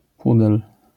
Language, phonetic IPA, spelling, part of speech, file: Polish, [ˈpudɛl], pudel, noun, LL-Q809 (pol)-pudel.wav